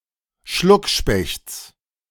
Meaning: genitive singular of Schluckspecht
- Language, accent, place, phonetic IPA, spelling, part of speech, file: German, Germany, Berlin, [ˈʃlʊkˌʃpɛçt͡s], Schluckspechts, noun, De-Schluckspechts.ogg